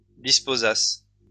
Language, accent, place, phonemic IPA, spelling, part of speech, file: French, France, Lyon, /dis.po.zas/, disposasses, verb, LL-Q150 (fra)-disposasses.wav
- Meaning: second-person singular imperfect subjunctive of disposer